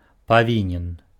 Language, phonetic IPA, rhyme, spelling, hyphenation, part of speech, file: Belarusian, [paˈvʲinʲen], -inʲen, павінен, па‧ві‧нен, adjective, Be-павінен.ogg
- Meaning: 1. have to, must, should 2. obligated, owe